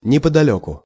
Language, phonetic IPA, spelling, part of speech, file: Russian, [nʲɪpədɐˈlʲɵkʊ], неподалёку, adverb, Ru-неподалёку.ogg
- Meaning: 1. nearby, within easy reach 2. around here, about 3. thereabouts, thereabout